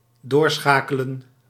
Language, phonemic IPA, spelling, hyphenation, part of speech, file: Dutch, /ˈdoːrˌsxaːkələ(n)/, doorschakelen, door‧scha‧ke‧len, verb, Nl-doorschakelen.ogg
- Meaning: to transfer, to put through, to reroute